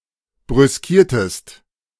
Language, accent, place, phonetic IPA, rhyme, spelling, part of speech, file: German, Germany, Berlin, [bʁʏsˈkiːɐ̯təst], -iːɐ̯təst, brüskiertest, verb, De-brüskiertest.ogg
- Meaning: inflection of brüskieren: 1. second-person singular preterite 2. second-person singular subjunctive II